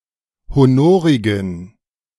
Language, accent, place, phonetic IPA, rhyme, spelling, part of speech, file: German, Germany, Berlin, [hoˈnoːʁɪɡn̩], -oːʁɪɡn̩, honorigen, adjective, De-honorigen.ogg
- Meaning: inflection of honorig: 1. strong genitive masculine/neuter singular 2. weak/mixed genitive/dative all-gender singular 3. strong/weak/mixed accusative masculine singular 4. strong dative plural